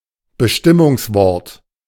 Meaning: determiner (e.g. in grammar an adjective can be referred to as Bestimmungswort of the noun and the adverb as Bestimmungswort of the verb)
- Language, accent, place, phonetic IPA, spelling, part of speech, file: German, Germany, Berlin, [bəˈʃtɪmʊŋsˌvɔʁt], Bestimmungswort, noun, De-Bestimmungswort.ogg